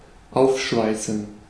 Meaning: 1. to weld 2. to cut open (with cutting torch)
- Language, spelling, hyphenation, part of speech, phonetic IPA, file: German, aufschweißen, auf‧schwei‧ßen, verb, [ˈaʊ̯fˌʃvaɪ̯sn̩], De-aufschweißen.ogg